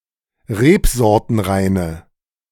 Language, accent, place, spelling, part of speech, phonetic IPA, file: German, Germany, Berlin, rebsortenreine, adjective, [ˈʁeːpzɔʁtənˌʁaɪ̯nə], De-rebsortenreine.ogg
- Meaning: inflection of rebsortenrein: 1. strong/mixed nominative/accusative feminine singular 2. strong nominative/accusative plural 3. weak nominative all-gender singular